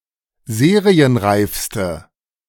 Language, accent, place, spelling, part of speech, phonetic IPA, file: German, Germany, Berlin, serienreifste, adjective, [ˈzeːʁiənˌʁaɪ̯fstə], De-serienreifste.ogg
- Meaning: inflection of serienreif: 1. strong/mixed nominative/accusative feminine singular superlative degree 2. strong nominative/accusative plural superlative degree